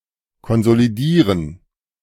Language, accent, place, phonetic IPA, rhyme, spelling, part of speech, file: German, Germany, Berlin, [kɔnzoliˈdiːʁən], -iːʁən, konsolidieren, verb, De-konsolidieren.ogg
- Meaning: to consolidate